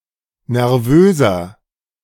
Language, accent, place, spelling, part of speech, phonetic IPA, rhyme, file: German, Germany, Berlin, nervöser, adjective, [nɛʁˈvøːzɐ], -øːzɐ, De-nervöser.ogg
- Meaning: 1. comparative degree of nervös 2. inflection of nervös: strong/mixed nominative masculine singular 3. inflection of nervös: strong genitive/dative feminine singular